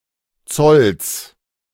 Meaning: genitive singular of Zoll
- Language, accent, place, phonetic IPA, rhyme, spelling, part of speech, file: German, Germany, Berlin, [t͡sɔls], -ɔls, Zolls, noun, De-Zolls.ogg